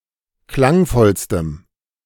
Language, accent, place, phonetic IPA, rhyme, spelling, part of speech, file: German, Germany, Berlin, [ˈklaŋˌfɔlstəm], -aŋfɔlstəm, klangvollstem, adjective, De-klangvollstem.ogg
- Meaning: strong dative masculine/neuter singular superlative degree of klangvoll